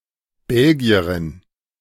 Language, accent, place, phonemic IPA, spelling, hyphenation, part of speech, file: German, Germany, Berlin, /ˈbɛlɡi̯əʁɪn/, Belgierin, Bel‧gi‧e‧rin, noun, De-Belgierin.ogg
- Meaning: Belgian (woman from Belgium)